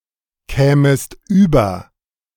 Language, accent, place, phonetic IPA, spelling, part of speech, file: German, Germany, Berlin, [ˌkɛːməst ˈyːbɐ], kämest über, verb, De-kämest über.ogg
- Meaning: second-person singular subjunctive II of überkommen